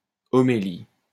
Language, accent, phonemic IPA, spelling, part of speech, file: French, France, /ɔ.me.li/, homélie, noun, LL-Q150 (fra)-homélie.wav
- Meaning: homily